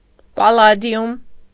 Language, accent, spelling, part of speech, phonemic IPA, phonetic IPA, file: Armenian, Eastern Armenian, պալադիում, noun, /pɑlɑˈdjum/, [pɑlɑdjúm], Hy-պալադիում.ogg
- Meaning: palladium